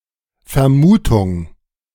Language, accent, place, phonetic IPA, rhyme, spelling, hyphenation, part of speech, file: German, Germany, Berlin, [fɛɐ̯ˈmuːtʊŋ], -uːtʊŋ, Vermutung, Ver‧mu‧tung, noun, De-Vermutung2.ogg
- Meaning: 1. guess 2. supposition 3. suspicion 4. conjecture